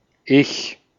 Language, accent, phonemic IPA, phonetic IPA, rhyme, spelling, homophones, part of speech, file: German, Austria, /ɪç/, [ʔɪç], -ɪç, ich, Ich, pronoun, De-at-ich.ogg
- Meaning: I (first person singular nominative (subject) pronoun)